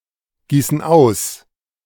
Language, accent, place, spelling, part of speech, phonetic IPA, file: German, Germany, Berlin, gießen aus, verb, [ˌɡiːsn̩ ˈaʊ̯s], De-gießen aus.ogg
- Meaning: inflection of ausgießen: 1. first/third-person plural present 2. first/third-person plural subjunctive I